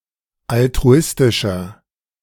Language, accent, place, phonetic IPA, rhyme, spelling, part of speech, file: German, Germany, Berlin, [altʁuˈɪstɪʃɐ], -ɪstɪʃɐ, altruistischer, adjective, De-altruistischer.ogg
- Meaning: 1. comparative degree of altruistisch 2. inflection of altruistisch: strong/mixed nominative masculine singular 3. inflection of altruistisch: strong genitive/dative feminine singular